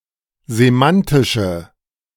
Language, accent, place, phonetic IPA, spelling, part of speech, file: German, Germany, Berlin, [zeˈmantɪʃə], semantische, adjective, De-semantische.ogg
- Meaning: inflection of semantisch: 1. strong/mixed nominative/accusative feminine singular 2. strong nominative/accusative plural 3. weak nominative all-gender singular